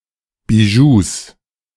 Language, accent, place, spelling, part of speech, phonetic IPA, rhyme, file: German, Germany, Berlin, Bijous, noun, [biˈʒuːs], -uːs, De-Bijous.ogg
- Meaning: 1. genitive singular of Bijou 2. plural of Bijou